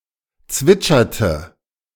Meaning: inflection of zwitschern: 1. first/third-person singular preterite 2. first/third-person singular subjunctive II
- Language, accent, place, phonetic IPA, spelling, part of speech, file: German, Germany, Berlin, [ˈt͡svɪt͡ʃɐtə], zwitscherte, verb, De-zwitscherte.ogg